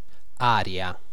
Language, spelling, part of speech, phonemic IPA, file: Italian, aria, interjection / noun, /ˈa.rja/, It-aria.ogg